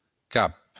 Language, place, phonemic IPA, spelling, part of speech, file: Occitan, Béarn, /kap/, cap, noun, LL-Q14185 (oci)-cap.wav
- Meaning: 1. head (the part of the body of an animal or human which contains the brain, mouth and main sense organs) 2. leader, chief, mastermind 3. cape, headland